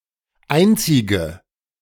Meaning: inflection of einzig: 1. strong/mixed nominative/accusative feminine singular 2. strong nominative/accusative plural 3. weak nominative all-gender singular 4. weak accusative feminine/neuter singular
- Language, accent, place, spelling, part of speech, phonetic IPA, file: German, Germany, Berlin, einzige, adjective, [ˈʔaɪntsɪɡə], De-einzige.ogg